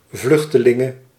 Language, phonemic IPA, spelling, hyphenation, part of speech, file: Dutch, /ˈvlʏxtəˌlɪŋə/, vluchtelinge, vluch‧te‧lin‧ge, noun, Nl-vluchtelinge.ogg
- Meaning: female equivalent of vluchteling